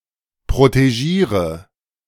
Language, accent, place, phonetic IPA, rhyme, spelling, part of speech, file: German, Germany, Berlin, [pʁoteˈʒiːʁə], -iːʁə, protegiere, verb, De-protegiere.ogg
- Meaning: inflection of protegieren: 1. first-person singular present 2. singular imperative 3. first/third-person singular subjunctive I